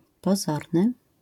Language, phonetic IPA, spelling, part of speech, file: Polish, [pɔˈzɔrnɨ], pozorny, adjective, LL-Q809 (pol)-pozorny.wav